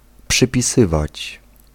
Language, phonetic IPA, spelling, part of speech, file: Polish, [ˌpʃɨpʲiˈsɨvat͡ɕ], przypisywać, verb, Pl-przypisywać.ogg